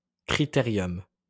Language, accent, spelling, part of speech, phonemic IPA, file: French, France, critérium, noun, /kʁi.te.ʁjɔm/, LL-Q150 (fra)-critérium.wav
- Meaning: 1. criterium 2. mechanical pencil